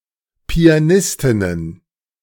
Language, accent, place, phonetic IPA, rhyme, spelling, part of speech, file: German, Germany, Berlin, [pi̯aˈnɪstɪnən], -ɪstɪnən, Pianistinnen, noun, De-Pianistinnen.ogg
- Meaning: plural of Pianistin